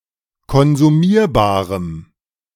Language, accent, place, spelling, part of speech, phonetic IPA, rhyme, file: German, Germany, Berlin, konsumierbarem, adjective, [kɔnzuˈmiːɐ̯baːʁəm], -iːɐ̯baːʁəm, De-konsumierbarem.ogg
- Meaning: strong dative masculine/neuter singular of konsumierbar